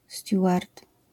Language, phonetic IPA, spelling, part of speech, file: Polish, [ˈstʲjuʷart], steward, noun, LL-Q809 (pol)-steward.wav